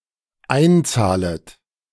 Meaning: second-person plural dependent subjunctive I of einzahlen
- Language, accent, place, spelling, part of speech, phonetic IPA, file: German, Germany, Berlin, einzahlet, verb, [ˈaɪ̯nˌt͡saːlət], De-einzahlet.ogg